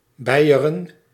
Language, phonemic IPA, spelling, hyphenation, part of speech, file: Dutch, /ˈbɛi̯.ə.rə(n)/, Beieren, Bei‧e‧ren, proper noun, Nl-Beieren.ogg
- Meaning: Bavaria (a historic region, former duchy, former kingdom, and modern state of Germany; the modern state includes parts of historical Swabia and Franconia as well as historical Bavaria)